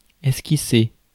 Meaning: 1. to sketch 2. to draft, outline
- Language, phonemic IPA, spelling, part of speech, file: French, /ɛs.ki.se/, esquisser, verb, Fr-esquisser.ogg